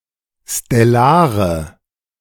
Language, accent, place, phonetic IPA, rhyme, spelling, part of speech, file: German, Germany, Berlin, [stɛˈlaːʁə], -aːʁə, stellare, adjective, De-stellare.ogg
- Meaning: inflection of stellar: 1. strong/mixed nominative/accusative feminine singular 2. strong nominative/accusative plural 3. weak nominative all-gender singular 4. weak accusative feminine/neuter singular